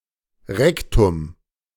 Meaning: rectum
- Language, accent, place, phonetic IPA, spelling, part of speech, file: German, Germany, Berlin, [ˈʁɛktʊm], Rektum, noun, De-Rektum.ogg